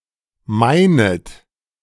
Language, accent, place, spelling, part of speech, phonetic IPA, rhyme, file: German, Germany, Berlin, meinet, verb, [ˈmaɪ̯nət], -aɪ̯nət, De-meinet.ogg
- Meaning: second-person plural subjunctive I of meinen